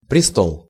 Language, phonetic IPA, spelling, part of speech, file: Russian, [prʲɪˈstoɫ], престол, noun, Ru-престол.ogg
- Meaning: 1. throne 2. altar, communion table (the table used as the place of offering in the celebration of the Eucharist)